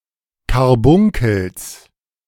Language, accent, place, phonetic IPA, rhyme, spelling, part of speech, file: German, Germany, Berlin, [kaʁˈbʊŋkl̩s], -ʊŋkl̩s, Karbunkels, noun, De-Karbunkels.ogg
- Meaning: genitive singular of Karbunkel